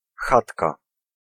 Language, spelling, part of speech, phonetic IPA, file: Polish, chatka, noun, [ˈxatka], Pl-chatka.ogg